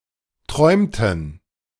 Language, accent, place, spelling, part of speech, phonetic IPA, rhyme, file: German, Germany, Berlin, träumten, verb, [ˈtʁɔɪ̯mtn̩], -ɔɪ̯mtn̩, De-träumten.ogg
- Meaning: inflection of träumen: 1. first/third-person plural preterite 2. first/third-person plural subjunctive II